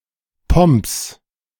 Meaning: genitive of Pomp
- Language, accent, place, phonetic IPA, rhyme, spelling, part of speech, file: German, Germany, Berlin, [pɔmps], -ɔmps, Pomps, noun, De-Pomps.ogg